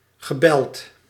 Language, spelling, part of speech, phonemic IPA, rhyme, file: Dutch, gebeld, verb, /ɣə.ˈbɛlt/, -ɛlt, Nl-gebeld.ogg
- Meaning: past participle of bellen